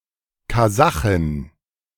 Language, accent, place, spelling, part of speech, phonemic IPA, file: German, Germany, Berlin, Kasachin, noun, /kaˈzaχɪn/, De-Kasachin.ogg
- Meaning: Kazakh (female person from Kazakhstan)